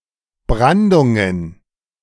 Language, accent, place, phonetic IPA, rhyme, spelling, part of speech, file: German, Germany, Berlin, [ˈbʁandʊŋən], -andʊŋən, Brandungen, noun, De-Brandungen.ogg
- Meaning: plural of Brandung